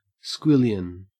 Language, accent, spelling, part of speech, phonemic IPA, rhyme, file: English, Australia, squillion, noun, /ˈskwɪljən/, -ɪljən, En-au-squillion.ogg
- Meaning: A very large, unspecified number (of)